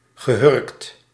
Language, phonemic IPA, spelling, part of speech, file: Dutch, /ɣəˈhʏrᵊkt/, gehurkt, verb / adjective, Nl-gehurkt.ogg
- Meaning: past participle of hurken